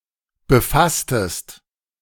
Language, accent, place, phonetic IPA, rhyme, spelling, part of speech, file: German, Germany, Berlin, [bəˈfastəst], -astəst, befasstest, verb, De-befasstest.ogg
- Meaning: inflection of befassen: 1. second-person singular preterite 2. second-person singular subjunctive II